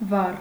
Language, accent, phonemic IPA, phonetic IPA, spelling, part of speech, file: Armenian, Eastern Armenian, /vɑr/, [vɑr], վառ, adjective / adverb, Hy-վառ.ogg
- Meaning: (adjective) 1. lighted, burning 2. bright, shining 3. brilliant; vivid, lively; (adverb) 1. brightly; brilliantly 2. strikingly; vividly